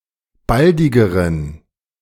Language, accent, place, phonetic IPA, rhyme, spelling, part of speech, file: German, Germany, Berlin, [ˈbaldɪɡəʁən], -aldɪɡəʁən, baldigeren, adjective, De-baldigeren.ogg
- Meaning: inflection of baldig: 1. strong genitive masculine/neuter singular comparative degree 2. weak/mixed genitive/dative all-gender singular comparative degree